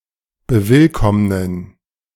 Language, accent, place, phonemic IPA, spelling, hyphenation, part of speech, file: German, Germany, Berlin, /bəˈvɪlkɔmnən/, bewillkommnen, be‧will‧komm‧nen, verb, De-bewillkommnen.ogg
- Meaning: to welcome